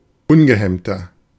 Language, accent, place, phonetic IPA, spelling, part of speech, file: German, Germany, Berlin, [ˈʊnɡəˌhɛmtɐ], ungehemmter, adjective, De-ungehemmter.ogg
- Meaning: 1. comparative degree of ungehemmt 2. inflection of ungehemmt: strong/mixed nominative masculine singular 3. inflection of ungehemmt: strong genitive/dative feminine singular